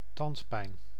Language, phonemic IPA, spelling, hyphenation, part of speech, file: Dutch, /ˈtɑnt.pɛi̯n/, tandpijn, tand‧pijn, noun, Nl-tandpijn.ogg
- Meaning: toothache (in any tooth or in a non-molar tooth in particular)